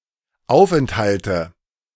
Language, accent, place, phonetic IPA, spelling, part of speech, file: German, Germany, Berlin, [ˈaʊ̯fʔɛnthaltə], Aufenthalte, noun, De-Aufenthalte.ogg
- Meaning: nominative/accusative/genitive plural of Aufenthalt